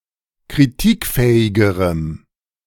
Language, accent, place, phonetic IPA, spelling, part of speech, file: German, Germany, Berlin, [kʁiˈtiːkˌfɛːɪɡəʁəm], kritikfähigerem, adjective, De-kritikfähigerem.ogg
- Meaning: strong dative masculine/neuter singular comparative degree of kritikfähig